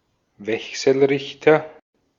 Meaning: inverter
- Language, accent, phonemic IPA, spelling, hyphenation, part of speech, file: German, Austria, /ˈvɛksl̩rɪçtɐ/, Wechselrichter, Wech‧sel‧rich‧ter, noun, De-at-Wechselrichter.ogg